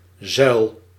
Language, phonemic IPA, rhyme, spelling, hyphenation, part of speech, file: Dutch, /zœy̯l/, -œy̯l, zuil, zuil, noun, Nl-zuil.ogg
- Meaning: 1. pillar, support 2. pillar, institutional subgrouping of society along ideological or religious lines